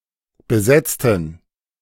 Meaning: inflection of besetzen: 1. first/third-person plural preterite 2. first/third-person plural subjunctive II
- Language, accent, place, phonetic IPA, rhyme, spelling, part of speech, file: German, Germany, Berlin, [bəˈzɛt͡stn̩], -ɛt͡stn̩, besetzten, adjective / verb, De-besetzten.ogg